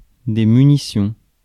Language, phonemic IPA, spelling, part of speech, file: French, /my.ni.sjɔ̃/, munitions, noun, Fr-munitions.ogg
- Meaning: plural of munition